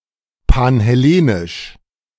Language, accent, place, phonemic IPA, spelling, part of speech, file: German, Germany, Berlin, /panhɛˈleːnɪʃ/, panhellenisch, adjective, De-panhellenisch.ogg
- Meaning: Panhellenic